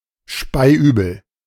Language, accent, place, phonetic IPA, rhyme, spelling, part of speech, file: German, Germany, Berlin, [ˈʃpaɪ̯ˈʔyːbl̩], -yːbl̩, speiübel, adjective, De-speiübel.ogg
- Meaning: sick to one's stomach, sick as a parrot